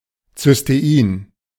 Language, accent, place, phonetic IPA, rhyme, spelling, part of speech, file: German, Germany, Berlin, [t͡sʏsteˈiːn], -iːn, Cystein, noun, De-Cystein.ogg
- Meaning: cysteine